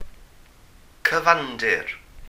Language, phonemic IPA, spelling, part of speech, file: Welsh, /kəˈvandɪr/, cyfandir, noun, Cy-cyfandir.ogg
- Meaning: continent